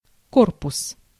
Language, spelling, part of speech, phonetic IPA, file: Russian, корпус, noun, [ˈkorpʊs], Ru-корпус.ogg
- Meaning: 1. body, trunk 2. frame, case, chassis, body (the hard exterior housing or frame of some device or equipment) 3. hull (of a ship or armored vehicle) 4. package (of an integrated circuit)